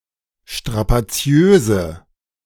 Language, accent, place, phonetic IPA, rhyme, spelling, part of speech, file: German, Germany, Berlin, [ʃtʁapaˈt͡si̯øːzə], -øːzə, strapaziöse, adjective, De-strapaziöse.ogg
- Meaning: inflection of strapaziös: 1. strong/mixed nominative/accusative feminine singular 2. strong nominative/accusative plural 3. weak nominative all-gender singular